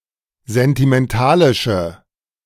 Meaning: inflection of sentimentalisch: 1. strong/mixed nominative/accusative feminine singular 2. strong nominative/accusative plural 3. weak nominative all-gender singular
- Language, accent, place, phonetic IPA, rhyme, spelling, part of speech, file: German, Germany, Berlin, [zɛntimɛnˈtaːlɪʃə], -aːlɪʃə, sentimentalische, adjective, De-sentimentalische.ogg